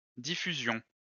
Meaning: 1. broadcasting, showing 2. dissemination, diffusion (of culture, knowledge, etc.) 3. circulation (of a news medium) 4. diffusion
- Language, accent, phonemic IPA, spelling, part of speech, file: French, France, /di.fy.zjɔ̃/, diffusion, noun, LL-Q150 (fra)-diffusion.wav